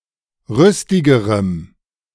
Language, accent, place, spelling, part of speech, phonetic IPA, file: German, Germany, Berlin, rüstigerem, adjective, [ˈʁʏstɪɡəʁəm], De-rüstigerem.ogg
- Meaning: strong dative masculine/neuter singular comparative degree of rüstig